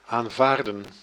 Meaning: to accept
- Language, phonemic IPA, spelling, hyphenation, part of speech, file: Dutch, /aːnˈvaːrdə(n)/, aanvaarden, aan‧vaar‧den, verb, Nl-aanvaarden.ogg